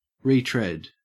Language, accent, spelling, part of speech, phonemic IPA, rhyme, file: English, Australia, retread, verb / noun, /ɹiːˈtɹɛd/, -ɛd, En-au-retread.ogg
- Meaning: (verb) To tread again, to walk along again, to follow a path again; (noun) A return over ground previously covered; a retraversal or repetition